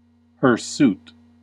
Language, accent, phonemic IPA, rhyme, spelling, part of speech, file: English, US, /hɚˈsut/, -uːt, hirsute, adjective / noun, En-us-hirsute.ogg
- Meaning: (adjective) Covered in hair or bristles; hairy; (noun) Someone or something that is hirsute